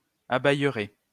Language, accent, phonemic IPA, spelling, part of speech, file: French, France, /a.bɛj.ʁe/, abayerai, verb, LL-Q150 (fra)-abayerai.wav
- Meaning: first-person singular simple future of abayer